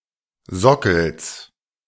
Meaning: genitive singular of Sockel
- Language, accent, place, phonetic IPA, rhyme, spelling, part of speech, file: German, Germany, Berlin, [ˈzɔkl̩s], -ɔkl̩s, Sockels, noun, De-Sockels.ogg